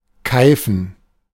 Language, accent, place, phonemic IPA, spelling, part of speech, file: German, Germany, Berlin, /ˈkaɪ̯fən/, keifen, verb, De-keifen.ogg
- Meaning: to scold or nag sharply (stereotypically of older women)